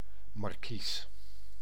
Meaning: 1. marquis 2. an awning (type of shade in front of window)
- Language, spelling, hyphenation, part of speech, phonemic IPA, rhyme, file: Dutch, markies, mar‧kies, noun, /mɑrˈkis/, -is, Nl-markies.ogg